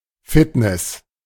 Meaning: fitness
- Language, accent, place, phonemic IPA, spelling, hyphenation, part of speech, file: German, Germany, Berlin, /ˈfɪtnɛs/, Fitness, Fit‧ness, noun, De-Fitness.ogg